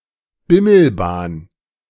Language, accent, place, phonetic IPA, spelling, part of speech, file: German, Germany, Berlin, [ˈbɪml̩ˌbaːn], Bimmelbahn, noun, De-Bimmelbahn.ogg
- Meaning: 1. A small train or tram equipped with a bell 2. A trackless train